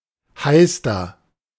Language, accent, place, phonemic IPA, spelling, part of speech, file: German, Germany, Berlin, /ˈhaɪ̯stər/, Heister, noun, De-Heister.ogg
- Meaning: 1. young foliage tree of a height between 1 and 2.5 metres 2. any young tree, especially a young beech 3. synonym of Elster (“magpie”)